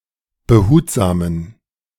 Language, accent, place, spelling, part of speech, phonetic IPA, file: German, Germany, Berlin, behutsamen, adjective, [bəˈhuːtzaːmən], De-behutsamen.ogg
- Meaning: inflection of behutsam: 1. strong genitive masculine/neuter singular 2. weak/mixed genitive/dative all-gender singular 3. strong/weak/mixed accusative masculine singular 4. strong dative plural